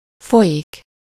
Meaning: 1. to flow 2. to go on (to continue in extent)
- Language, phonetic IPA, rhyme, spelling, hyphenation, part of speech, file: Hungarian, [ˈfojik], -ojik, folyik, fo‧lyik, verb, Hu-folyik.ogg